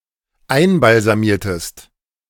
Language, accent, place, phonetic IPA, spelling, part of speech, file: German, Germany, Berlin, [ˈaɪ̯nbalzaˌmiːɐ̯təst], einbalsamiertest, verb, De-einbalsamiertest.ogg
- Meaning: inflection of einbalsamieren: 1. second-person singular dependent preterite 2. second-person singular dependent subjunctive II